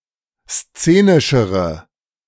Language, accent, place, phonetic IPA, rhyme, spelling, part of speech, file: German, Germany, Berlin, [ˈst͡seːnɪʃəʁə], -eːnɪʃəʁə, szenischere, adjective, De-szenischere.ogg
- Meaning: inflection of szenisch: 1. strong/mixed nominative/accusative feminine singular comparative degree 2. strong nominative/accusative plural comparative degree